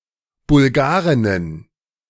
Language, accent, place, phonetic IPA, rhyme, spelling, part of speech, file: German, Germany, Berlin, [bʊlˈɡaːʁɪnən], -aːʁɪnən, Bulgarinnen, noun, De-Bulgarinnen.ogg
- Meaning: plural of Bulgarin